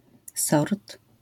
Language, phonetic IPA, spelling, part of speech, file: Polish, [sɔrt], sort, noun, LL-Q809 (pol)-sort.wav